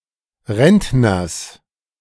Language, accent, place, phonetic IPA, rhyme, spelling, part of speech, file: German, Germany, Berlin, [ˈʁɛntnɐs], -ɛntnɐs, Rentners, noun, De-Rentners.ogg
- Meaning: genitive singular of Rentner